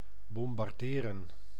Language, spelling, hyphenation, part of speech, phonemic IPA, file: Dutch, bombarderen, bom‧bar‧de‧ren, verb, /bɔmbɑrˈdeːrə(n)/, Nl-bombarderen.ogg
- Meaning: 1. to bomb, to bombard (to attack with bombs) 2. to bombard figuratively, to overload